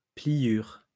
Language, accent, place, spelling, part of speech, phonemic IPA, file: French, France, Lyon, pliure, noun, /pli.jyʁ/, LL-Q150 (fra)-pliure.wav
- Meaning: a folding